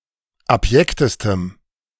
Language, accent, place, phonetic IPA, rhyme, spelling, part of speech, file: German, Germany, Berlin, [apˈjɛktəstəm], -ɛktəstəm, abjektestem, adjective, De-abjektestem.ogg
- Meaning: strong dative masculine/neuter singular superlative degree of abjekt